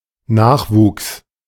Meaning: 1. the act of regrowing 2. that which regrows; regrowth 3. offspring, progeny (collective of biological descendants)
- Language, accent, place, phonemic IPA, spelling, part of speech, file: German, Germany, Berlin, /ˈnaːxˌvuːks/, Nachwuchs, noun, De-Nachwuchs.ogg